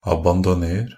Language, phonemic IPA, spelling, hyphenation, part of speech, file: Norwegian Bokmål, /abandɔˈneːr/, abandoner, ab‧an‧do‧ner, verb, NB - Pronunciation of Norwegian Bokmål «abandoner».ogg
- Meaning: imperative of abandonere